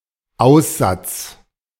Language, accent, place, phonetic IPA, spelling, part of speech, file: German, Germany, Berlin, [ˈaʊ̯sˌzat͡s], Aussatz, noun, De-Aussatz.ogg
- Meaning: leprosy